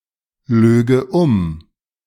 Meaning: first/third-person singular subjunctive II of umlügen
- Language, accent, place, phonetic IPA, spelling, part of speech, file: German, Germany, Berlin, [ˌløːɡə ˈʊm], löge um, verb, De-löge um.ogg